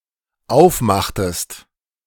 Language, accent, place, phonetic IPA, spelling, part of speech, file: German, Germany, Berlin, [ˈaʊ̯fˌmaxtəst], aufmachtest, verb, De-aufmachtest.ogg
- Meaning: inflection of aufmachen: 1. second-person singular dependent preterite 2. second-person singular dependent subjunctive II